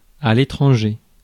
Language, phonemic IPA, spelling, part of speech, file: French, /e.tʁɑ̃.ʒe/, étranger, adjective / noun, Fr-étranger.ogg
- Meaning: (adjective) 1. foreign 2. unacquainted; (noun) 1. foreigner 2. stranger 3. foreign place